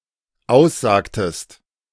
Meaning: inflection of aussagen: 1. second-person singular dependent preterite 2. second-person singular dependent subjunctive II
- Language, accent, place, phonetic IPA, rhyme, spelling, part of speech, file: German, Germany, Berlin, [ˈaʊ̯sˌzaːktəst], -aʊ̯szaːktəst, aussagtest, verb, De-aussagtest.ogg